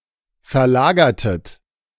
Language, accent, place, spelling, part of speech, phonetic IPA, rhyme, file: German, Germany, Berlin, verlagertet, verb, [fɛɐ̯ˈlaːɡɐtət], -aːɡɐtət, De-verlagertet.ogg
- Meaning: inflection of verlagern: 1. second-person plural preterite 2. second-person plural subjunctive II